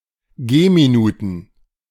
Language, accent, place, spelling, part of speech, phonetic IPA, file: German, Germany, Berlin, Gehminuten, noun, [ˈɡeːmiˌnuːtn̩], De-Gehminuten.ogg
- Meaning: plural of Gehminute